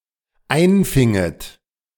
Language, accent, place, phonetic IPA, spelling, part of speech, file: German, Germany, Berlin, [ˈaɪ̯nˌfɪŋət], einfinget, verb, De-einfinget.ogg
- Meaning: second-person plural dependent subjunctive II of einfangen